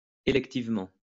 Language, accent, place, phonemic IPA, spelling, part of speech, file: French, France, Lyon, /e.lɛk.tiv.mɑ̃/, électivement, adverb, LL-Q150 (fra)-électivement.wav
- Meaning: electively